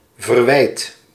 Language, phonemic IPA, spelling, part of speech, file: Dutch, /vərˈwɛit/, verwijd, verb, Nl-verwijd.ogg
- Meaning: inflection of verwijden: 1. first-person singular present indicative 2. second-person singular present indicative 3. imperative